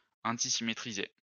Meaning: to antisymmetrize
- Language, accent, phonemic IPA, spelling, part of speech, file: French, France, /ɑ̃.ti.si.me.tʁi.ze/, antisymétriser, verb, LL-Q150 (fra)-antisymétriser.wav